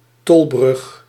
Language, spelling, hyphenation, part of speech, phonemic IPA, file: Dutch, tolbrug, tol‧brug, noun, /ˈtɔl.brʏx/, Nl-tolbrug.ogg
- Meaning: a toll bridge